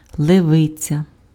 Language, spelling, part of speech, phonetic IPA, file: Ukrainian, левиця, noun, [ɫeˈʋɪt͡sʲɐ], Uk-левиця.ogg
- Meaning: lioness